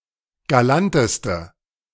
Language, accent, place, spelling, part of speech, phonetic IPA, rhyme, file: German, Germany, Berlin, galanteste, adjective, [ɡaˈlantəstə], -antəstə, De-galanteste.ogg
- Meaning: inflection of galant: 1. strong/mixed nominative/accusative feminine singular superlative degree 2. strong nominative/accusative plural superlative degree